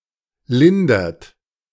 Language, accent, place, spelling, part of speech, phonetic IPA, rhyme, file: German, Germany, Berlin, lindert, verb, [ˈlɪndɐt], -ɪndɐt, De-lindert.ogg
- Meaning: inflection of lindern: 1. third-person singular present 2. second-person plural present 3. plural imperative